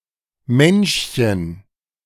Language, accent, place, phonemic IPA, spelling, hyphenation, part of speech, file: German, Germany, Berlin, /ˈmɛnʃˌçən/, Menschchen, Mensch‧chen, noun, De-Menschchen.ogg
- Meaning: diminutive of Mensch